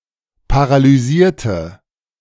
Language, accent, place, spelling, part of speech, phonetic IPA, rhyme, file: German, Germany, Berlin, paralysierte, adjective / verb, [paʁalyˈziːɐ̯tə], -iːɐ̯tə, De-paralysierte.ogg
- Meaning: inflection of paralysieren: 1. first/third-person singular preterite 2. first/third-person singular subjunctive II